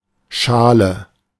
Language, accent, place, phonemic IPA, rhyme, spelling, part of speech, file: German, Germany, Berlin, /ˈʃaːlə/, -aːlə, Schale, noun, De-Schale.ogg
- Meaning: 1. peel; husk; shell (outer layer) 2. shell; scallop 3. hoof 4. (fine) clothing 5. dish (shallow container) 6. bowl; cup (roughly hemispherical container) 7. scale (dish of a balance)